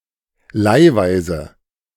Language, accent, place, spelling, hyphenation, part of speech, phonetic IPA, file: German, Germany, Berlin, leihweise, leih‧wei‧se, adverb, [ˈla͜iva͜izə], De-leihweise.ogg
- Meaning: on loan, as a loan